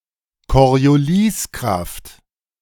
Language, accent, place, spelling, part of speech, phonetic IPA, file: German, Germany, Berlin, Corioliskraft, noun, [kɔʁjoˈliːsˌkʁaft], De-Corioliskraft.ogg
- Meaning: Coriolis force